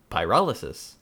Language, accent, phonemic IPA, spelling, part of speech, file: English, US, /paɪˈɹɑləsɪs/, pyrolysis, noun, En-us-pyrolysis.ogg
- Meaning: The decomposition of a material or compound by heat, in the absence of oxygen or other reagents